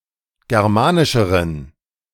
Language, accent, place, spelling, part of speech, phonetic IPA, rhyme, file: German, Germany, Berlin, germanischeren, adjective, [ˌɡɛʁˈmaːnɪʃəʁən], -aːnɪʃəʁən, De-germanischeren.ogg
- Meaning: inflection of germanisch: 1. strong genitive masculine/neuter singular comparative degree 2. weak/mixed genitive/dative all-gender singular comparative degree